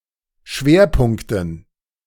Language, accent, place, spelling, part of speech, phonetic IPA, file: German, Germany, Berlin, Schwerpunkten, noun, [ˈʃveːɐ̯ˌpʊŋktn̩], De-Schwerpunkten.ogg
- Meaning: dative plural of Schwerpunkt